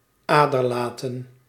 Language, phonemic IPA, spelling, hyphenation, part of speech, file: Dutch, /ˈaː.dərˌlaː.tə(n)/, aderlaten, ader‧la‧ten, verb, Nl-aderlaten.ogg
- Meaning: to bloodlet: 1. to open a vein in order to draw 'bad blood' 2. to (apply a) leech medicinally, as a method to bloodlet 3. to drain resources without giving back